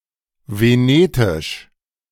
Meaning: 1. Venetic (related to the extinct language) 2. Venetan (related to the modern language of the region of Venice, Italy)
- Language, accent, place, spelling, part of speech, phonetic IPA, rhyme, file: German, Germany, Berlin, venetisch, adjective, [veˈneːtɪʃ], -eːtɪʃ, De-venetisch.ogg